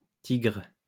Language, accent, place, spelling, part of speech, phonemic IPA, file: French, France, Lyon, tigres, noun, /tiɡʁ/, LL-Q150 (fra)-tigres.wav
- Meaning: plural of tigre